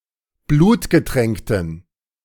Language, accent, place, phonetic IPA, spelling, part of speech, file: German, Germany, Berlin, [ˈbluːtɡəˌtʁɛŋktn̩], blutgetränkten, adjective, De-blutgetränkten.ogg
- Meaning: inflection of blutgetränkt: 1. strong genitive masculine/neuter singular 2. weak/mixed genitive/dative all-gender singular 3. strong/weak/mixed accusative masculine singular 4. strong dative plural